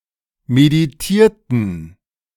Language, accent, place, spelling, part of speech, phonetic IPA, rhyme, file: German, Germany, Berlin, meditierten, verb, [mediˈtiːɐ̯tn̩], -iːɐ̯tn̩, De-meditierten.ogg
- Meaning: inflection of meditieren: 1. first/third-person plural preterite 2. first/third-person plural subjunctive II